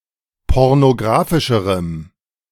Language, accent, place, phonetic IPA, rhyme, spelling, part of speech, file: German, Germany, Berlin, [ˌpɔʁnoˈɡʁaːfɪʃəʁəm], -aːfɪʃəʁəm, pornografischerem, adjective, De-pornografischerem.ogg
- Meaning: strong dative masculine/neuter singular comparative degree of pornografisch